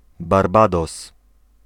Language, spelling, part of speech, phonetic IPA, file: Polish, Barbados, proper noun, [barˈbadɔs], Pl-Barbados.ogg